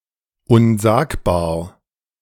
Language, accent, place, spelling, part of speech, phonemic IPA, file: German, Germany, Berlin, unsagbar, adjective, /ʊnˈzaːkbaːɐ̯/, De-unsagbar.ogg
- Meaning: indescribable, extraordinary, unspeakable, tremendous, terrible